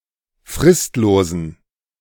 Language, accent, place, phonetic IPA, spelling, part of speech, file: German, Germany, Berlin, [ˈfʁɪstloːzn̩], fristlosen, adjective, De-fristlosen.ogg
- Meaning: inflection of fristlos: 1. strong genitive masculine/neuter singular 2. weak/mixed genitive/dative all-gender singular 3. strong/weak/mixed accusative masculine singular 4. strong dative plural